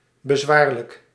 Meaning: 1. difficult, hard 2. objectionable, problematic
- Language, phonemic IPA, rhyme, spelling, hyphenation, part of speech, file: Dutch, /bəˈzʋaːr.lək/, -aːrlək, bezwaarlijk, be‧zwaar‧lijk, adjective, Nl-bezwaarlijk.ogg